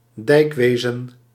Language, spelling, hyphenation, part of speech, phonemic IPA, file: Dutch, dijkwezen, dijk‧we‧zen, noun, /ˈdɛi̯kˌʋeː.zə(n)/, Nl-dijkwezen.ogg
- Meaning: dike construction and management, dike infrastructure